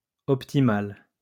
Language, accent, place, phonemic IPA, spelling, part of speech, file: French, France, Lyon, /ɔp.ti.mal/, optimal, adjective, LL-Q150 (fra)-optimal.wav
- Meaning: optimal